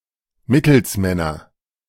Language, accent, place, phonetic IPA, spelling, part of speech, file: German, Germany, Berlin, [ˈmɪtl̩sˌmɛnɐ], Mittelsmänner, noun, De-Mittelsmänner.ogg
- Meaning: nominative/accusative/genitive plural of Mittelsmann